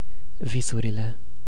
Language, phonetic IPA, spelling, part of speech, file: Romanian, [ˈvi.su.ri.le], visurile, noun, Ro-visurile.ogg
- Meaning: definite nominative/accusative plural of vis